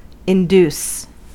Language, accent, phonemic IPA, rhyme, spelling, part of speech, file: English, US, /ɪnˈduːs/, -uːs, induce, verb, En-us-induce.ogg
- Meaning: 1. To lead by persuasion or influence; incite or prevail upon 2. To cause, bring about, lead to 3. To induce the labour of (a pregnant woman)